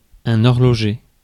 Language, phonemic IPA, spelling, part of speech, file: French, /ɔʁ.lɔ.ʒe/, horloger, noun / adjective, Fr-horloger.ogg
- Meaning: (noun) watchmaker; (adjective) horological